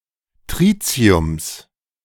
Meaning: plural of Tritium
- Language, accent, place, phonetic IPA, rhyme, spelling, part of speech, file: German, Germany, Berlin, [ˈtʁiːt͡si̯ʊms], -iːt͡si̯ʊms, Tritiums, noun, De-Tritiums.ogg